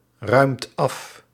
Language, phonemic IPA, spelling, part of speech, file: Dutch, /ˈrœymt ˈɑf/, ruimt af, verb, Nl-ruimt af.ogg
- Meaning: inflection of afruimen: 1. second/third-person singular present indicative 2. plural imperative